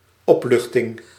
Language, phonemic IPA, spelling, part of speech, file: Dutch, /ˈɔplʏxtɪŋ/, opluchting, noun, Nl-opluchting.ogg
- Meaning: relief